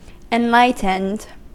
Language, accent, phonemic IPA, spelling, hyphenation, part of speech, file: English, US, /ɪnˈlaɪtənd/, enlightened, en‧light‧ened, adjective / noun / verb, En-us-enlightened.ogg
- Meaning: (adjective) 1. Educated or informed 2. Made aware of something 3. Freed from illusion 4. Extraordinarily wise; having an exceedingly great wisdom